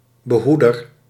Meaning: protector
- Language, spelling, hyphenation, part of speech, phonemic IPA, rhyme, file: Dutch, behoeder, be‧hoe‧der, noun, /bəˈɦu.dər/, -udər, Nl-behoeder.ogg